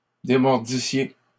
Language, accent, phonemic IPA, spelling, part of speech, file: French, Canada, /de.mɔʁ.di.sje/, démordissiez, verb, LL-Q150 (fra)-démordissiez.wav
- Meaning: second-person plural imperfect subjunctive of démordre